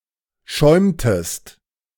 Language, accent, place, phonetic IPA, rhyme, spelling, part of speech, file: German, Germany, Berlin, [ˈʃɔɪ̯mtəst], -ɔɪ̯mtəst, schäumtest, verb, De-schäumtest.ogg
- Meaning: inflection of schäumen: 1. second-person singular preterite 2. second-person singular subjunctive II